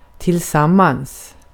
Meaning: 1. together 2. in a relationship
- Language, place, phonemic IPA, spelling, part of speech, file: Swedish, Gotland, /tɪ(l)ˈsamans/, tillsammans, adverb, Sv-tillsammans.ogg